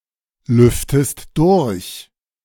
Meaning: inflection of durchlüften: 1. second-person singular present 2. second-person singular subjunctive I
- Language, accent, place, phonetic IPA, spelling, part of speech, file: German, Germany, Berlin, [ˌlʏftəst ˈdʊʁç], lüftest durch, verb, De-lüftest durch.ogg